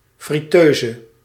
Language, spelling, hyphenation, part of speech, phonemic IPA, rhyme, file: Dutch, friteuse, fri‧teu‧se, noun, /ˌfriˈtøː.zə/, -øːzə, Nl-friteuse.ogg
- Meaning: deep fryer